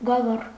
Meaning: 1. district, region, canton 2. a political subdivision of ancient Armenia, smaller than նահանգ (nahang, “state”)
- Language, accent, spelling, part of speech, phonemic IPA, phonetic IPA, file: Armenian, Eastern Armenian, գավառ, noun, /ɡɑˈvɑr/, [ɡɑvɑ́r], Hy-գավառ.ogg